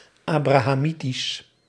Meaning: 1. Abrahamic 2. relating to Abraham
- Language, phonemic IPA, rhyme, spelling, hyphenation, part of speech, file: Dutch, /ˌaː.braː.ɦɑˈmi.tis/, -itis, abrahamitisch, abra‧ha‧mi‧tisch, adjective, Nl-abrahamitisch.ogg